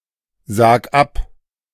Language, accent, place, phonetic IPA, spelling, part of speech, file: German, Germany, Berlin, [ˌzaːk ˈap], sag ab, verb, De-sag ab.ogg
- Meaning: singular imperative of absagen